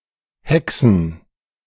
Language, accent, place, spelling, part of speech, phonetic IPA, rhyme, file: German, Germany, Berlin, Haecksen, noun, [ˈhɛksn̩], -ɛksn̩, De-Haecksen.ogg
- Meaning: plural of Haeckse